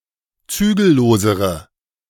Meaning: inflection of zügellos: 1. strong/mixed nominative/accusative feminine singular comparative degree 2. strong nominative/accusative plural comparative degree
- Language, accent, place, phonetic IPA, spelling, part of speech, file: German, Germany, Berlin, [ˈt͡syːɡl̩ˌloːzəʁə], zügellosere, adjective, De-zügellosere.ogg